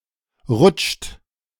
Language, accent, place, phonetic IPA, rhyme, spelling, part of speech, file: German, Germany, Berlin, [ʁʊt͡ʃt], -ʊt͡ʃt, rutscht, verb, De-rutscht.ogg
- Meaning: inflection of rutschen: 1. third-person singular present 2. second-person plural present 3. plural imperative